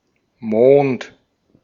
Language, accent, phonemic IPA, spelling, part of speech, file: German, Austria, /moːnt/, Mond, proper noun / noun, De-at-Mond.ogg
- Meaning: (proper noun) the Moon; Earth's only natural satellite, and also a luminary; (noun) 1. moon (a natural satellite that is orbiting its corresponding planet) 2. a month, especially a lunar month